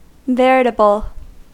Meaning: 1. True; genuine 2. As an intensifier: absolute, indisputable
- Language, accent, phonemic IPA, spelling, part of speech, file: English, US, /ˈvɛ.ɹɪ.tə.bl/, veritable, adjective, En-us-veritable.ogg